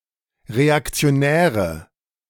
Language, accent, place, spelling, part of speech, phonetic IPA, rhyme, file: German, Germany, Berlin, reaktionäre, adjective, [ʁeakt͡si̯oˈnɛːʁə], -ɛːʁə, De-reaktionäre.ogg
- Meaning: inflection of reaktionär: 1. strong/mixed nominative/accusative feminine singular 2. strong nominative/accusative plural 3. weak nominative all-gender singular